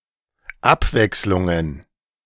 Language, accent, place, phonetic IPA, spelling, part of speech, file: German, Germany, Berlin, [ˈapˌvɛkslʊŋən], Abwechslungen, noun, De-Abwechslungen.ogg
- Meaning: plural of Abwechslung